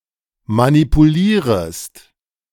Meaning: second-person singular subjunctive I of manipulieren
- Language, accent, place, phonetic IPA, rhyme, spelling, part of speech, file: German, Germany, Berlin, [manipuˈliːʁəst], -iːʁəst, manipulierest, verb, De-manipulierest.ogg